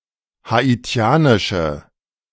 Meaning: inflection of haitianisch: 1. strong/mixed nominative/accusative feminine singular 2. strong nominative/accusative plural 3. weak nominative all-gender singular
- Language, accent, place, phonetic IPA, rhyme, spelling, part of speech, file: German, Germany, Berlin, [haˌiˈt͡si̯aːnɪʃə], -aːnɪʃə, haitianische, adjective, De-haitianische.ogg